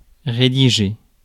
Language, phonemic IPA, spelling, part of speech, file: French, /ʁe.di.ʒe/, rédiger, verb, Fr-rédiger.ogg
- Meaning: 1. to compose, write in a well defined manner according to context and the style required, often definite 2. to sum up, put on paper (a law, verdict, ...)